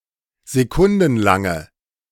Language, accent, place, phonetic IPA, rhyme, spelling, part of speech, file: German, Germany, Berlin, [zeˈkʊndn̩ˌlaŋə], -ʊndn̩laŋə, sekundenlange, adjective, De-sekundenlange.ogg
- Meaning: inflection of sekundenlang: 1. strong/mixed nominative/accusative feminine singular 2. strong nominative/accusative plural 3. weak nominative all-gender singular